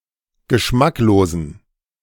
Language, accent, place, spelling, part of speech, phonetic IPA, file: German, Germany, Berlin, geschmacklosen, adjective, [ɡəˈʃmakloːzn̩], De-geschmacklosen.ogg
- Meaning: inflection of geschmacklos: 1. strong genitive masculine/neuter singular 2. weak/mixed genitive/dative all-gender singular 3. strong/weak/mixed accusative masculine singular 4. strong dative plural